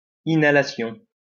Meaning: inhalation (all meanings)
- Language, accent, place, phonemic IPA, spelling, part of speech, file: French, France, Lyon, /i.na.la.sjɔ̃/, inhalation, noun, LL-Q150 (fra)-inhalation.wav